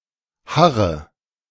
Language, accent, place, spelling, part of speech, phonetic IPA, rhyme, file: German, Germany, Berlin, harre, verb, [ˈhaʁə], -aʁə, De-harre.ogg
- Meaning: inflection of harren: 1. first-person singular present 2. singular imperative